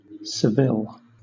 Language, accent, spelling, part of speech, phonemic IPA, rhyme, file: English, Southern England, Seville, proper noun, /səˈvɪl/, -ɪl, LL-Q1860 (eng)-Seville.wav
- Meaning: 1. The capital city of Andalusia, Spain 2. A province of Andalusia, Spain 3. A place in the United States: A census-designated place in Tulare County, California